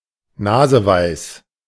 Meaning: cheeky and clever
- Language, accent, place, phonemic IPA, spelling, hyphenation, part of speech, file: German, Germany, Berlin, /ˈnaːzəˌvaɪ̯s/, naseweis, na‧se‧weis, adjective, De-naseweis.ogg